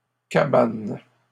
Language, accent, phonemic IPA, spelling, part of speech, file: French, Canada, /ka.ban/, cabanes, noun, LL-Q150 (fra)-cabanes.wav
- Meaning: plural of cabane